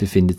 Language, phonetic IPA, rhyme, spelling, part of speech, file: German, [bəˈfɪndət], -ɪndət, befindet, verb, De-befindet.ogg
- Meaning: inflection of befinden: 1. third-person singular present 2. second-person plural present 3. second-person plural subjunctive I 4. plural imperative